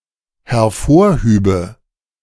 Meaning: first/third-person singular dependent subjunctive II of hervorheben
- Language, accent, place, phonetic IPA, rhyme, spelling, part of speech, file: German, Germany, Berlin, [hɛɐ̯ˈfoːɐ̯ˌhyːbə], -oːɐ̯hyːbə, hervorhübe, verb, De-hervorhübe.ogg